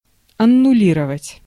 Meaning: 1. to annul, to cancel, to nullify 2. to abrogate, to rescind, to repeal, to revoke, to abolish
- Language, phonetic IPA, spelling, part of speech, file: Russian, [ɐnʊˈlʲirəvətʲ], аннулировать, verb, Ru-аннулировать.ogg